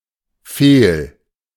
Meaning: 1. fault; flaw; failure 2. ellipsis of Fehlfarbe (“a card that is not trump”)
- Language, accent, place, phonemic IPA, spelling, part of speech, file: German, Germany, Berlin, /feːl/, Fehl, noun, De-Fehl.ogg